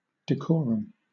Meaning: 1. Appropriate social behavior 2. A convention of social behavior
- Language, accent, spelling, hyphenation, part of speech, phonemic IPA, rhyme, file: English, Southern England, decorum, de‧co‧rum, noun, /dɪˈkɔːɹəm/, -ɔːɹəm, LL-Q1860 (eng)-decorum.wav